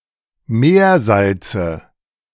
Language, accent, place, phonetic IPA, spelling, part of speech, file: German, Germany, Berlin, [ˈmeːɐ̯ˌzalt͡sə], Meersalze, noun, De-Meersalze.ogg
- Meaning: nominative/accusative/genitive plural of Meersalz